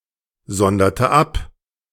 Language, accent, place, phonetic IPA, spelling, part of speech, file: German, Germany, Berlin, [ˌzɔndɐtə ˈap], sonderte ab, verb, De-sonderte ab.ogg
- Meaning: inflection of absondern: 1. first/third-person singular preterite 2. first/third-person singular subjunctive II